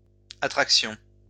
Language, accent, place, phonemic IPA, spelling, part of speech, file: French, France, Lyon, /a.tʁak.sjɔ̃/, attractions, noun, LL-Q150 (fra)-attractions.wav
- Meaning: plural of attraction